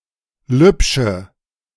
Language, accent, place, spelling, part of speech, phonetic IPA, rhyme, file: German, Germany, Berlin, lübsche, adjective, [ˈlʏpʃə], -ʏpʃə, De-lübsche.ogg
- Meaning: inflection of lübsch: 1. strong/mixed nominative/accusative feminine singular 2. strong nominative/accusative plural 3. weak nominative all-gender singular 4. weak accusative feminine/neuter singular